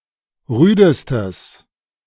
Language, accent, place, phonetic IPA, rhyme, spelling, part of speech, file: German, Germany, Berlin, [ˈʁyːdəstəs], -yːdəstəs, rüdestes, adjective, De-rüdestes.ogg
- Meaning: strong/mixed nominative/accusative neuter singular superlative degree of rüde